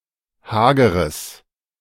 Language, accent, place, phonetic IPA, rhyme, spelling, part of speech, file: German, Germany, Berlin, [ˈhaːɡəʁəs], -aːɡəʁəs, hageres, adjective, De-hageres.ogg
- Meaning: strong/mixed nominative/accusative neuter singular of hager